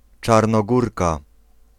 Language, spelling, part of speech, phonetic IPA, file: Polish, Czarnogórka, noun, [ˌt͡ʃarnɔˈɡurka], Pl-Czarnogórka.ogg